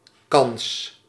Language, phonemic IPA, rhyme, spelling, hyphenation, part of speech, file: Dutch, /kɑns/, -ɑns, kans, kans, noun, Nl-kans.ogg
- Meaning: 1. chance 2. opportunity 3. probability